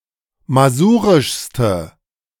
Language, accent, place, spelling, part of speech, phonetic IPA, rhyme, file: German, Germany, Berlin, masurischste, adjective, [maˈzuːʁɪʃstə], -uːʁɪʃstə, De-masurischste.ogg
- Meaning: inflection of masurisch: 1. strong/mixed nominative/accusative feminine singular superlative degree 2. strong nominative/accusative plural superlative degree